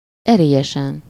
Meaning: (adverb) energetically, vigorously, with determination; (adjective) superessive singular of erélyes
- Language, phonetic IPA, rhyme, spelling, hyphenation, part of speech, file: Hungarian, [ˈɛreːjɛʃɛn], -ɛn, erélyesen, eré‧lye‧sen, adverb / adjective, Hu-erélyesen.ogg